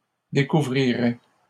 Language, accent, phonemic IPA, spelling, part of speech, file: French, Canada, /de.ku.vʁi.ʁɛ/, découvriraient, verb, LL-Q150 (fra)-découvriraient.wav
- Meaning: third-person plural conditional of découvrir